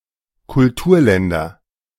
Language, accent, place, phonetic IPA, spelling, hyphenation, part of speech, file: German, Germany, Berlin, [kʊlˈtuːɐ̯ˌlɛndɐ], Kulturländer, Kul‧tur‧län‧der, noun, De-Kulturländer.ogg
- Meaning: nominative/accusative/genitive plural of Kulturland